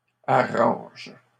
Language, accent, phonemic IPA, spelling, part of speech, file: French, Canada, /a.ʁɑ̃ʒ/, arranges, verb, LL-Q150 (fra)-arranges.wav
- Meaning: second-person singular present indicative/subjunctive of arranger